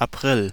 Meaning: April (the fourth month of the Gregorian calendar, following March and preceding May)
- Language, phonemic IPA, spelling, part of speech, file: German, /aˈpʁɪl/, April, noun, De-April.ogg